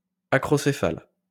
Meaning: synonym of acrocéphalique
- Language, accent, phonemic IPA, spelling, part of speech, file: French, France, /a.kʁɔ.se.fal/, acrocéphale, adjective, LL-Q150 (fra)-acrocéphale.wav